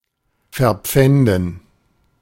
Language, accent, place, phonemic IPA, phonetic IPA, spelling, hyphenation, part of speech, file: German, Germany, Berlin, /fɛʁˈpfɛndən/, [fɛɐ̯ˈpfɛndn̩], verpfänden, ver‧pfän‧den, verb, De-verpfänden.ogg
- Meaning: to pawn, to mortgage